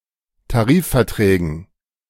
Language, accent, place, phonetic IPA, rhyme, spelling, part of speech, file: German, Germany, Berlin, [taˈʁiːffɛɐ̯ˌtʁɛːɡn̩], -iːffɛɐ̯tʁɛːɡn̩, Tarifverträgen, noun, De-Tarifverträgen.ogg
- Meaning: dative plural of Tarifvertrag